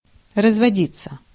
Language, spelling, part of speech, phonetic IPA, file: Russian, разводиться, verb, [rəzvɐˈdʲit͡sːə], Ru-разводиться.ogg
- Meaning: 1. to be divorced (from), to divorce, to obtain a divorce (with) 2. to grow in number, to breed 3. passive of разводи́ть (razvodítʹ)